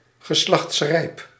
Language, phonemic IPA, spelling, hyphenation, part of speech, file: Dutch, /ɣəˈslɑxtsˌrɛi̯p/, geslachtsrijp, ge‧slachts‧rijp, adjective, Nl-geslachtsrijp.ogg
- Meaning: sexually mature